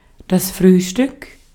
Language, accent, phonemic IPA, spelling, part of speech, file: German, Austria, /ˈfʁyːʃtʏk/, Frühstück, noun, De-at-Frühstück.ogg
- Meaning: breakfast